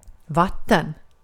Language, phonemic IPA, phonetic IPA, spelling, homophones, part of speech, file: Swedish, /¹vatːɛn/, [ˈvǎt̪ːɛn̪], vatten, watten, noun, Sv-vatten.ogg
- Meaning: 1. water 2. a body of water, "a" water